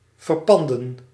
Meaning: to pawn (to sell something to a pawn shop)
- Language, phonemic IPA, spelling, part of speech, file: Dutch, /vərˈpɑndə(n)/, verpanden, verb, Nl-verpanden.ogg